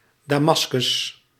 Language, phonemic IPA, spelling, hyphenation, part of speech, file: Dutch, /ˌdaːˈmɑs.kʏs/, Damascus, Da‧mas‧cus, proper noun, Nl-Damascus.ogg